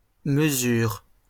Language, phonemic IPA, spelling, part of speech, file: French, /mə.zyʁ/, mesures, noun / verb, LL-Q150 (fra)-mesures.wav
- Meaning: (noun) plural of mesure; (verb) second-person singular present indicative/subjunctive of mesurer